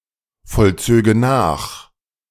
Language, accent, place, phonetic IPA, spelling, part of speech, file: German, Germany, Berlin, [fɔlˌt͡søːɡə ˈnaːx], vollzöge nach, verb, De-vollzöge nach.ogg
- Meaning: first/third-person singular subjunctive II of nachvollziehen